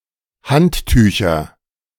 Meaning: nominative/accusative/genitive plural of Handtuch
- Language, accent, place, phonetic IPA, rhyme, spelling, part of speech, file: German, Germany, Berlin, [ˈhantˌtyːçɐ], -anttyːçɐ, Handtücher, noun, De-Handtücher.ogg